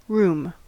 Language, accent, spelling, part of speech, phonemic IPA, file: English, US, room, noun / verb / adjective / adverb, /ɹum/, En-us-room.ogg
- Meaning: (noun) 1. An opportunity or scope (to do something) 2. Space for something, or to carry out an activity 3. A particular portion of space 4. Sufficient space for or to do something